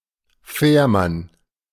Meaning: ferryman, one who operates a ferryboat (male or unspecified sex)
- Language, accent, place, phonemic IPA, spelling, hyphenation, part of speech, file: German, Germany, Berlin, /ˈfɛːrˌman/, Fährmann, Fähr‧mann, noun, De-Fährmann.ogg